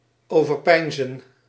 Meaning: to ponder, to contemplate
- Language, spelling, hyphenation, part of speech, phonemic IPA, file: Dutch, overpeinzen, over‧pein‧zen, verb, /ˌoː.vərˈpɛi̯n.zə(n)/, Nl-overpeinzen.ogg